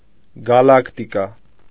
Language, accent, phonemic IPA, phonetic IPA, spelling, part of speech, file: Armenian, Eastern Armenian, /ɡɑlɑktiˈkɑ/, [ɡɑlɑktikɑ́], գալակտիկա, noun, Hy-գալակտիկա.ogg
- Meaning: galaxy